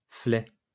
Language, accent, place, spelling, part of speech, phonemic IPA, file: French, France, Lyon, flet, noun, /flɛ/, LL-Q150 (fra)-flet.wav
- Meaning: flounder (fish)